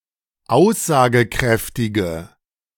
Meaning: inflection of aussagekräftig: 1. strong/mixed nominative/accusative feminine singular 2. strong nominative/accusative plural 3. weak nominative all-gender singular
- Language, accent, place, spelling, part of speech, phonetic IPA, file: German, Germany, Berlin, aussagekräftige, adjective, [ˈaʊ̯szaːɡəˌkʁɛftɪɡə], De-aussagekräftige.ogg